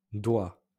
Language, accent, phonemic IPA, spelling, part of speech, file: French, France, /dwa/, doigts, noun, LL-Q150 (fra)-doigts.wav
- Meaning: plural of doigt; fingers